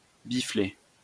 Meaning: to slap with the penis; to dickslap
- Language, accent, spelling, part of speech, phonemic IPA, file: French, France, bifler, verb, /bi.fle/, LL-Q150 (fra)-bifler.wav